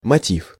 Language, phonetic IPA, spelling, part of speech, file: Russian, [mɐˈtʲif], мотив, noun, Ru-мотив.ogg
- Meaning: 1. tune 2. motive, motif 3. motive, cause, reason (that which incites to action)